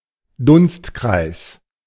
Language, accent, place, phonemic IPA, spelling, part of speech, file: German, Germany, Berlin, /ˈdʊnstˌkʁaɪ̯s/, Dunstkreis, noun, De-Dunstkreis.ogg
- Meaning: 1. orbit, sphere of influence 2. atmosphere